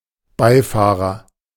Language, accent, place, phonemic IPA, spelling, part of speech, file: German, Germany, Berlin, /ˈbaɪ̯ˌfaːʁɐ/, Beifahrer, noun, De-Beifahrer.ogg
- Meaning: 1. front passenger 2. driver's mate 3. codriver